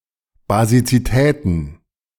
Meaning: plural of Basizität
- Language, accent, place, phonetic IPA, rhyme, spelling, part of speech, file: German, Germany, Berlin, [bazit͡siˈtɛːtn̩], -ɛːtn̩, Basizitäten, noun, De-Basizitäten.ogg